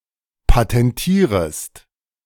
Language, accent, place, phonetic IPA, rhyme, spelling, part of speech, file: German, Germany, Berlin, [patɛnˈtiːʁəst], -iːʁəst, patentierest, verb, De-patentierest.ogg
- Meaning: second-person singular subjunctive I of patentieren